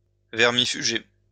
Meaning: to deworm
- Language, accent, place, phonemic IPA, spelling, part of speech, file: French, France, Lyon, /vɛʁ.mi.fy.ʒe/, vermifuger, verb, LL-Q150 (fra)-vermifuger.wav